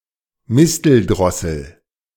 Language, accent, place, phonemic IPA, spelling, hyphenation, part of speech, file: German, Germany, Berlin, /ˈmɪstəlˌdʁɔsəl/, Misteldrossel, Mis‧tel‧dros‧sel, noun, De-Misteldrossel.ogg
- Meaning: mistle thrush (Turdus viscivorus)